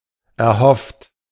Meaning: 1. past participle of erhoffen 2. inflection of erhoffen: third-person singular present 3. inflection of erhoffen: second-person plural present 4. inflection of erhoffen: plural imperative
- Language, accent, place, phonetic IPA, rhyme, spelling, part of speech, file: German, Germany, Berlin, [ɛɐ̯ˈhɔft], -ɔft, erhofft, verb, De-erhofft.ogg